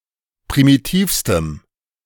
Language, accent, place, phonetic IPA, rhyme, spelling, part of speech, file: German, Germany, Berlin, [pʁimiˈtiːfstəm], -iːfstəm, primitivstem, adjective, De-primitivstem.ogg
- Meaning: strong dative masculine/neuter singular superlative degree of primitiv